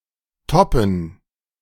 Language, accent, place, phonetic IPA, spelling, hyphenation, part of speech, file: German, Germany, Berlin, [tɔpn̩], toppen, top‧pen, verb, De-toppen.ogg
- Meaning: to top (To excel, to surpass, to beat.)